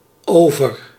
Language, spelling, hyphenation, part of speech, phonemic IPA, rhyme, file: Dutch, over, over, adverb / preposition / interjection, /ˈoː.vər/, -oːvər, Nl-over.ogg
- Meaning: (adverb) 1. over, above 2. over (implying motion) 3. remaining, left over 4. passing by, going away 5. denotes an imitative action; again, once again; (preposition) 1. over 2. about, concerning 3. in